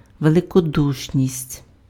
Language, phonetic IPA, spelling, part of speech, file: Ukrainian, [ʋeɫekoˈduʃnʲisʲtʲ], великодушність, noun, Uk-великодушність.ogg
- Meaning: magnanimity